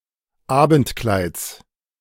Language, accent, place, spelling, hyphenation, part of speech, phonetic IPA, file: German, Germany, Berlin, Abendkleids, Abend‧kleids, noun, [ˈaːbn̩tˌklaɪ̯t͡s], De-Abendkleids.ogg
- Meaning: genitive singular of Abendkleid